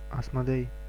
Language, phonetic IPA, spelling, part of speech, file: Russian, [ɐsmɐˈdɛj], Асмодей, proper noun, Ru-Асмодей.ogg
- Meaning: Asmodeus (the prince of demons in the Book of Tobit)